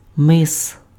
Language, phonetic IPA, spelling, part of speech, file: Ukrainian, [mɪs], мис, noun, Uk-мис.ogg
- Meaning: cape, headland, promontory